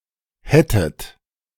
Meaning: second-person plural subjunctive II of haben
- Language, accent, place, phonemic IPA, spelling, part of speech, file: German, Germany, Berlin, /ˈhɛtət/, hättet, verb, De-hättet.ogg